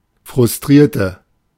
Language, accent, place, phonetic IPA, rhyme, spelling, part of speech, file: German, Germany, Berlin, [fʁʊsˈtʁiːɐ̯tə], -iːɐ̯tə, frustrierte, adjective / verb, De-frustrierte.ogg
- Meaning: inflection of frustrieren: 1. first/third-person singular preterite 2. first/third-person singular subjunctive II